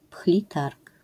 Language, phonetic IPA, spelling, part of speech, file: Polish, [ˈpxlʲi ˈtark], pchli targ, noun, LL-Q809 (pol)-pchli targ.wav